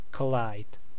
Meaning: 1. To make a direct impact, especially if violent 2. To come into conflict, or be incompatible 3. To meet; to come into contact 4. To cause to collide
- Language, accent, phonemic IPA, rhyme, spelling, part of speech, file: English, US, /kəˈlaɪd/, -aɪd, collide, verb, En-us-collide.ogg